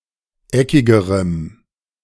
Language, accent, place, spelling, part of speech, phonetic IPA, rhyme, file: German, Germany, Berlin, eckigerem, adjective, [ˈɛkɪɡəʁəm], -ɛkɪɡəʁəm, De-eckigerem.ogg
- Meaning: strong dative masculine/neuter singular comparative degree of eckig